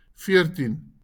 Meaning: fourteen
- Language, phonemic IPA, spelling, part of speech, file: Afrikaans, /ˈfɪə̯rtin/, veertien, numeral, LL-Q14196 (afr)-veertien.wav